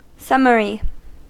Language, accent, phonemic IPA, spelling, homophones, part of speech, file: English, US, /ˈsʌm.ə.ɹi/, summary, summery, adjective / noun, En-us-summary.ogg
- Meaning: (adjective) 1. Concise, brief, or presented in a condensed form; presenting information in such a form 2. Performed speedily, without formal ceremony, and (especially) without regard to legality